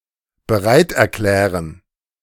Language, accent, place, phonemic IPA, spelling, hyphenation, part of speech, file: German, Germany, Berlin, /bəˈʁaɪ̯tʔɛɐ̯ˌklɛːʁən/, bereiterklären, be‧reit‧er‧klä‧ren, verb, De-bereiterklären.ogg
- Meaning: to agree (to do something)